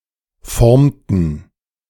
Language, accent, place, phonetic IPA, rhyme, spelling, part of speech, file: German, Germany, Berlin, [ˈfɔʁmtn̩], -ɔʁmtn̩, formten, verb, De-formten.ogg
- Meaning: inflection of formen: 1. first/third-person plural preterite 2. first/third-person plural subjunctive II